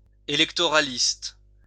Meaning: electioneering
- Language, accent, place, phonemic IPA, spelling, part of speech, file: French, France, Lyon, /e.lɛk.tɔ.ʁa.list/, électoraliste, adjective, LL-Q150 (fra)-électoraliste.wav